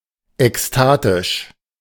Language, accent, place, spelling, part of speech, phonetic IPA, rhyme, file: German, Germany, Berlin, ekstatisch, adjective, [ɛksˈtaːtɪʃ], -aːtɪʃ, De-ekstatisch.ogg
- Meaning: ecstatic